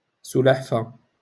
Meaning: tortoise, turtle
- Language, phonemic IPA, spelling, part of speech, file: Moroccan Arabic, /su.laħ.fa/, سلحفة, noun, LL-Q56426 (ary)-سلحفة.wav